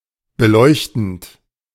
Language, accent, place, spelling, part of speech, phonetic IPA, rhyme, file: German, Germany, Berlin, beleuchtend, verb, [bəˈlɔɪ̯çtn̩t], -ɔɪ̯çtn̩t, De-beleuchtend.ogg
- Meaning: present participle of beleuchten